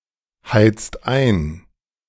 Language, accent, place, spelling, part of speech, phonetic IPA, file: German, Germany, Berlin, heizt ein, verb, [ˌhaɪ̯t͡st ˈaɪ̯n], De-heizt ein.ogg
- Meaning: inflection of einheizen: 1. second-person singular/plural present 2. third-person singular present 3. plural imperative